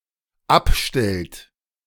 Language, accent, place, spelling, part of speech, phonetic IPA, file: German, Germany, Berlin, abstellt, verb, [ˈapˌʃtɛlt], De-abstellt.ogg
- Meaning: inflection of abstellen: 1. third-person singular dependent present 2. second-person plural dependent present